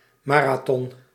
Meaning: marathon
- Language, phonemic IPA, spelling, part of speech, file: Dutch, /ˈmaː.raː.tɔn/, marathon, noun, Nl-marathon.ogg